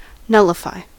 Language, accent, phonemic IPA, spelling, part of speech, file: English, US, /ˈnʌlɪfaɪ/, nullify, verb, En-us-nullify.ogg
- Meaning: 1. To make legally invalid 2. To prevent from happening 3. To make of no use or value; to cancel out